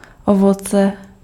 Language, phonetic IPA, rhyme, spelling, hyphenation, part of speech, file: Czech, [ˈovot͡sɛ], -otsɛ, ovoce, ovo‧ce, noun, Cs-ovoce.ogg
- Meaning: fruit